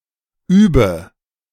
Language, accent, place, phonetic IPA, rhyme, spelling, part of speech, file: German, Germany, Berlin, [ˈyːbə], -yːbə, übe, verb, De-übe.ogg
- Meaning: inflection of üben: 1. first-person singular present 2. first/third-person singular subjunctive I 3. singular imperative